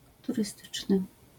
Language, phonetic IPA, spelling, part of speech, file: Polish, [ˌturɨˈstɨt͡ʃnɨ], turystyczny, adjective, LL-Q809 (pol)-turystyczny.wav